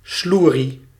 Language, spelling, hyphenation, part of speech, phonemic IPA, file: Dutch, sloerie, sloe‧rie, noun, /ˈslu.ri/, Nl-sloerie.ogg
- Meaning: slut, tramp (insult for a woman, relating to promiscuity)